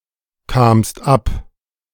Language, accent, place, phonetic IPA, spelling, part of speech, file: German, Germany, Berlin, [ˌkaːmst ˈap], kamst ab, verb, De-kamst ab.ogg
- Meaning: second-person singular preterite of abkommen